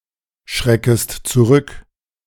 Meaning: second-person singular subjunctive I of zurückschrecken
- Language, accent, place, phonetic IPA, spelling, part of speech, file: German, Germany, Berlin, [ˌʃʁɛkəst t͡suˈʁʏk], schreckest zurück, verb, De-schreckest zurück.ogg